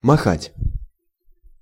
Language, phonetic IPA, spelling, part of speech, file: Russian, [mɐˈxatʲ], махать, verb, Ru-махать.ogg
- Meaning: to wave, to flap, to fling, to brandish